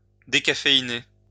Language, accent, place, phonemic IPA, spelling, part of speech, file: French, France, Lyon, /de.ka.fe.i.ne/, décaféiner, verb, LL-Q150 (fra)-décaféiner.wav
- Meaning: to decaffeinate